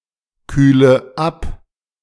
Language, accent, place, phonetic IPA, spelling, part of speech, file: German, Germany, Berlin, [ˌkyːlə ˈap], kühle ab, verb, De-kühle ab.ogg
- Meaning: inflection of abkühlen: 1. first-person singular present 2. first/third-person singular subjunctive I 3. singular imperative